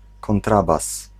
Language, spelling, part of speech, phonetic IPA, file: Polish, kontrabas, noun, [kɔ̃nˈtrabas], Pl-kontrabas.ogg